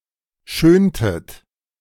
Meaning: inflection of schönen: 1. second-person plural preterite 2. second-person plural subjunctive II
- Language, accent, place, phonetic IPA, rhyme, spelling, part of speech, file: German, Germany, Berlin, [ˈʃøːntət], -øːntət, schöntet, verb, De-schöntet.ogg